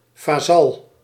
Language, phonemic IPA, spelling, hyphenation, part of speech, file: Dutch, /vaːˈzɑl/, vazal, va‧zal, noun, Nl-vazal.ogg
- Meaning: vassal